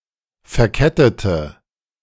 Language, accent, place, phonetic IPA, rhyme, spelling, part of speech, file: German, Germany, Berlin, [fɛɐ̯ˈkɛtətə], -ɛtətə, verkettete, adjective / verb, De-verkettete.ogg
- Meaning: inflection of verkettet: 1. strong/mixed nominative/accusative feminine singular 2. strong nominative/accusative plural 3. weak nominative all-gender singular